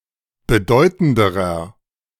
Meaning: inflection of bedeutend: 1. strong/mixed nominative masculine singular comparative degree 2. strong genitive/dative feminine singular comparative degree 3. strong genitive plural comparative degree
- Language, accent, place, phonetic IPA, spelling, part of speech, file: German, Germany, Berlin, [bəˈdɔɪ̯tn̩dəʁɐ], bedeutenderer, adjective, De-bedeutenderer.ogg